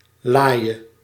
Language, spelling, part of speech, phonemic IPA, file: Dutch, laaie, noun / adjective / verb, /ˈlajə/, Nl-laaie.ogg
- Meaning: singular present subjunctive of laaien